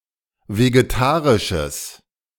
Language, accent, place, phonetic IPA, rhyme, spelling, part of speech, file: German, Germany, Berlin, [veɡeˈtaːʁɪʃəs], -aːʁɪʃəs, vegetarisches, adjective, De-vegetarisches.ogg
- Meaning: strong/mixed nominative/accusative neuter singular of vegetarisch